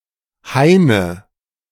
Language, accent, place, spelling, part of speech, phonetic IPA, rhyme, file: German, Germany, Berlin, Haine, noun, [ˈhaɪ̯nə], -aɪ̯nə, De-Haine.ogg
- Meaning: 1. nominative/accusative/genitive plural of Hain 2. dative singular of Hain